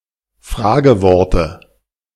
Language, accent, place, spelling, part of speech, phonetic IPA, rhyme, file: German, Germany, Berlin, Frageworte, noun, [ˈfʁaːɡəˌvɔʁtə], -aːɡəvɔʁtə, De-Frageworte.ogg
- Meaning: dative of Fragewort